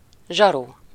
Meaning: cop, bobby (UK), copper
- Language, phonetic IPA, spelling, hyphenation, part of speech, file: Hungarian, [ˈʒɒru], zsaru, zsa‧ru, noun, Hu-zsaru.ogg